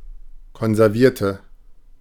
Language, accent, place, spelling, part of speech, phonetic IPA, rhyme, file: German, Germany, Berlin, konservierte, adjective / verb, [kɔnzɛʁˈviːɐ̯tə], -iːɐ̯tə, De-konservierte.ogg
- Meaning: inflection of konservieren: 1. first/third-person singular preterite 2. first/third-person singular subjunctive II